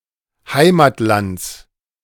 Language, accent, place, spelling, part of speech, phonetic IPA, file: German, Germany, Berlin, Heimatlands, noun, [ˈhaɪ̯maːtˌlant͡s], De-Heimatlands.ogg
- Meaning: genitive singular of Heimatland